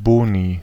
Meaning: plural of Bonus
- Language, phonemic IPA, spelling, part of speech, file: German, /ˈboːni/, Boni, noun, De-Boni.ogg